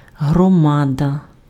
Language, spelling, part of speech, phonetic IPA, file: Ukrainian, громада, noun, [ɦrɔˈmadɐ], Uk-громада.ogg
- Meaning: 1. hromada, community; civic society 2. assembly (of citizens, people) 3. hromada, territorial administrative unit in Ukraine 4. bulk, mass (something big)